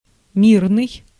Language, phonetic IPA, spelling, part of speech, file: Russian, [ˈmʲirnɨj], мирный, adjective, Ru-мирный.ogg
- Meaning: 1. peace 2. peaceful 3. friendly 4. civilian, non-combatant